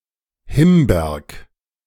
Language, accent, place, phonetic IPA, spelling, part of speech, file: German, Germany, Berlin, [ˈhɪmbeɐk], Himberg, proper noun, De-Himberg.ogg
- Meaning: a municipality of Lower Austria, Austria